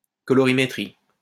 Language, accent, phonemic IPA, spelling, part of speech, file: French, France, /kɔ.lɔ.ʁi.me.tʁi/, colorimétrie, noun, LL-Q150 (fra)-colorimétrie.wav
- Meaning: colorimetry (science of measuring colours and assigning them numeric values)